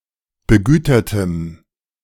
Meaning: strong dative masculine/neuter singular of begütert
- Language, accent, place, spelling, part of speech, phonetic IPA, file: German, Germany, Berlin, begütertem, adjective, [bəˈɡyːtɐtəm], De-begütertem.ogg